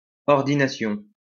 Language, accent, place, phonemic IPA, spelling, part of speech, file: French, France, Lyon, /ɔʁ.di.na.sjɔ̃/, ordination, noun, LL-Q150 (fra)-ordination.wav
- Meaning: ordination